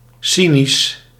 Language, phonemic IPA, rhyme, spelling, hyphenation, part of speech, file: Dutch, /ˈsi.nis/, -inis, cynisch, cy‧nisch, adjective, Nl-cynisch.ogg
- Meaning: 1. cynical 2. Cynic, pertaining to Cynicism